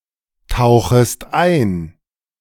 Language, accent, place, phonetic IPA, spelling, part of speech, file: German, Germany, Berlin, [ˌtaʊ̯xəst ˈaɪ̯n], tauchest ein, verb, De-tauchest ein.ogg
- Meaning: second-person singular subjunctive I of eintauchen